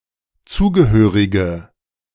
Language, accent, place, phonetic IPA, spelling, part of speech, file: German, Germany, Berlin, [ˈt͡suːɡəˌhøːʁɪɡə], zugehörige, adjective, De-zugehörige.ogg
- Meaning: inflection of zugehörig: 1. strong/mixed nominative/accusative feminine singular 2. strong nominative/accusative plural 3. weak nominative all-gender singular